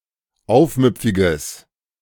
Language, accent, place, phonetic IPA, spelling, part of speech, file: German, Germany, Berlin, [ˈaʊ̯fˌmʏp͡fɪɡəs], aufmüpfiges, adjective, De-aufmüpfiges.ogg
- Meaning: strong/mixed nominative/accusative neuter singular of aufmüpfig